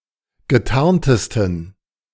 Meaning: 1. superlative degree of getarnt 2. inflection of getarnt: strong genitive masculine/neuter singular superlative degree
- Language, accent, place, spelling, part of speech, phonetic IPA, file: German, Germany, Berlin, getarntesten, adjective, [ɡəˈtaʁntəstn̩], De-getarntesten.ogg